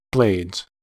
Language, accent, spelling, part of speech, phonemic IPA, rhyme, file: English, US, blades, noun / verb, /bleɪdz/, -eɪdz, En-us-blades.ogg
- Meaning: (noun) plural of blade; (verb) third-person singular simple present indicative of blade